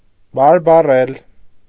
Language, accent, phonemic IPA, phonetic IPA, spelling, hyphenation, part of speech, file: Armenian, Eastern Armenian, /bɑɾbɑˈrel/, [bɑɾbɑrél], բարբառել, բար‧բա‧ռել, verb, Hy-բարբառել.ogg
- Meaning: to speak